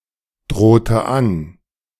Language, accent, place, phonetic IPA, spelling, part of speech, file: German, Germany, Berlin, [ˌdʁoːtə ˈan], drohte an, verb, De-drohte an.ogg
- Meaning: inflection of androhen: 1. first/third-person singular preterite 2. first/third-person singular subjunctive II